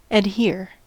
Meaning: 1. To stick fast or cleave, as a glutinous substance does; to become joined or united 2. To be attached or devoted by personal union, in belief, on principle, etc
- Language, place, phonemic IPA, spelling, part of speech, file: English, California, /ædˈhɪɹ/, adhere, verb, En-us-adhere.ogg